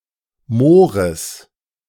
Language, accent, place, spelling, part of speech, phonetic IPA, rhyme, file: German, Germany, Berlin, Moores, noun, [ˈmoːʁəs], -oːʁəs, De-Moores.ogg
- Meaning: genitive singular of Moor